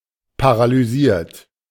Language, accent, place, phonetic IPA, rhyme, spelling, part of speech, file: German, Germany, Berlin, [paʁalyˈziːɐ̯t], -iːɐ̯t, paralysiert, verb, De-paralysiert.ogg
- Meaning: 1. past participle of paralysieren 2. inflection of paralysieren: third-person singular present 3. inflection of paralysieren: second-person plural present